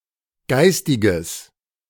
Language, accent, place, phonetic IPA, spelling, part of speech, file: German, Germany, Berlin, [ˈɡaɪ̯stɪɡəs], geistiges, adjective, De-geistiges.ogg
- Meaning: strong/mixed nominative/accusative neuter singular of geistig